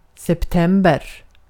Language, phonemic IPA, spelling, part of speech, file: Swedish, /ˈsɛpˈtɛmbɛr/, september, noun, Sv-september.ogg
- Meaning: September (the ninth month of the Gregorian calendar, following August and preceding October, containing the southward equinox)